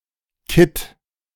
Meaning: putty (certain kinds of cement used for fixing e.g. window panes)
- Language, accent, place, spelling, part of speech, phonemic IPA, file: German, Germany, Berlin, Kitt, noun, /kɪt/, De-Kitt.ogg